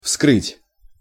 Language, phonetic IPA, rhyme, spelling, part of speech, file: Russian, [fskrɨtʲ], -ɨtʲ, вскрыть, verb, Ru-вскрыть.ogg
- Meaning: 1. to open, to unseal 2. to reveal, to bring to light, to disclose, to uncover, to expose 3. to dissect, to make a postmortem, to perform an autopsy on 4. to burst, to cut, to open, to lance